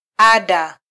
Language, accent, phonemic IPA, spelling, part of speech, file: Swahili, Kenya, /ˈɑ.ɗɑ/, ada, noun, Sw-ke-ada.flac
- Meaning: fee